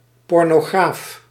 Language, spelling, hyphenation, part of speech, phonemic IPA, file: Dutch, pornograaf, por‧no‧graaf, noun, /ˌpɔr.noːˈɣraːf/, Nl-pornograaf.ogg
- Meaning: pornographer